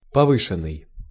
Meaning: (verb) past passive perfective participle of повы́сить (povýsitʹ); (adjective) heightened, higher
- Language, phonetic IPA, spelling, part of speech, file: Russian, [pɐˈvɨʂɨn(ː)ɨj], повышенный, verb / adjective, Ru-повышенный.ogg